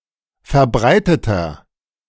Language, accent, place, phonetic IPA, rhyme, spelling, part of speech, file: German, Germany, Berlin, [fɛɐ̯ˈbʁaɪ̯tətɐ], -aɪ̯tətɐ, verbreiteter, adjective, De-verbreiteter.ogg
- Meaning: 1. comparative degree of verbreitet 2. inflection of verbreitet: strong/mixed nominative masculine singular 3. inflection of verbreitet: strong genitive/dative feminine singular